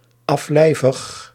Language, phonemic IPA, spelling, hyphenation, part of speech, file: Dutch, /ɑf.lɛi̯.vəx/, aflijvig, af‧lij‧vig, adjective, Nl-aflijvig.ogg
- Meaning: dead, deceased, departed (from life)